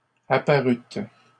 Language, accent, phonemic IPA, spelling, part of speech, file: French, Canada, /a.pa.ʁyt/, apparûtes, verb, LL-Q150 (fra)-apparûtes.wav
- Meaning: second-person plural past historic of apparaître